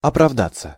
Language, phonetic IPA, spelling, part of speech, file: Russian, [ɐprɐvˈdat͡sːə], оправдаться, verb, Ru-оправдаться.ogg
- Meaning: 1. to justify/vindicate oneself, to justify one's actions 2. to try to prove one's innocence, to justify oneself, to give excuses 3. to prove/come true, to be justified; to prove to be correct